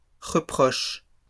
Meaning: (noun) plural of reproche; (verb) second-person singular present indicative/subjunctive of reprocher
- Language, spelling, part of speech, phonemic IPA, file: French, reproches, noun / verb, /ʁə.pʁɔʃ/, LL-Q150 (fra)-reproches.wav